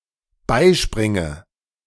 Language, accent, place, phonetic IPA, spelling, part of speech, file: German, Germany, Berlin, [ˈbaɪ̯ˌʃpʁɪŋə], beispringe, verb, De-beispringe.ogg
- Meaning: inflection of beispringen: 1. first-person singular dependent present 2. first/third-person singular dependent subjunctive I